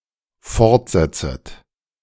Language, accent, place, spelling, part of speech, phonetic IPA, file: German, Germany, Berlin, fortsetzet, verb, [ˈfɔʁtˌzɛt͡sət], De-fortsetzet.ogg
- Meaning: second-person plural dependent subjunctive I of fortsetzen